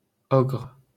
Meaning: ogre
- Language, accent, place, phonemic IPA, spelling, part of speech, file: French, France, Paris, /ɔɡʁ/, ogre, noun, LL-Q150 (fra)-ogre.wav